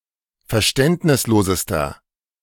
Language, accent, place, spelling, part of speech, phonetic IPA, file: German, Germany, Berlin, verständnislosester, adjective, [fɛɐ̯ˈʃtɛntnɪsˌloːzəstɐ], De-verständnislosester.ogg
- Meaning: inflection of verständnislos: 1. strong/mixed nominative masculine singular superlative degree 2. strong genitive/dative feminine singular superlative degree